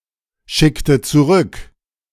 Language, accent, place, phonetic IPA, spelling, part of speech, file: German, Germany, Berlin, [ˌʃɪktə t͡suˈʁʏk], schickte zurück, verb, De-schickte zurück.ogg
- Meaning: inflection of zurückschicken: 1. first/third-person singular preterite 2. first/third-person singular subjunctive II